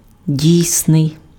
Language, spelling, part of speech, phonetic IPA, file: Ukrainian, дійсний, adjective, [ˈdʲii̯snei̯], Uk-дійсний.ogg
- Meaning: 1. real, actual 2. valid